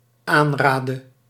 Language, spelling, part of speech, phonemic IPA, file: Dutch, aanraadde, verb, /ˈanradə/, Nl-aanraadde.ogg
- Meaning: inflection of aanraden: 1. singular dependent-clause past indicative 2. singular dependent-clause past subjunctive